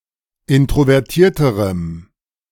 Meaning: strong dative masculine/neuter singular comparative degree of introvertiert
- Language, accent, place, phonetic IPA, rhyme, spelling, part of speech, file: German, Germany, Berlin, [ˌɪntʁovɛʁˈtiːɐ̯təʁəm], -iːɐ̯təʁəm, introvertierterem, adjective, De-introvertierterem.ogg